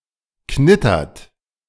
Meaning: inflection of knittern: 1. second-person plural present 2. third-person singular present 3. plural imperative
- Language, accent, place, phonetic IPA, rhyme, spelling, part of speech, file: German, Germany, Berlin, [ˈknɪtɐt], -ɪtɐt, knittert, verb, De-knittert.ogg